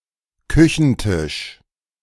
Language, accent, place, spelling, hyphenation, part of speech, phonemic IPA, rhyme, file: German, Germany, Berlin, Küchentisch, Kü‧chen‧tisch, noun, /ˈkʏçn̩ˌtɪʃ/, -ɪʃ, De-Küchentisch.ogg
- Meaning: kitchen table